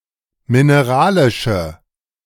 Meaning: inflection of mineralisch: 1. strong/mixed nominative/accusative feminine singular 2. strong nominative/accusative plural 3. weak nominative all-gender singular
- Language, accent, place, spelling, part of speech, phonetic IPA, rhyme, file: German, Germany, Berlin, mineralische, adjective, [mɪneˈʁaːlɪʃə], -aːlɪʃə, De-mineralische.ogg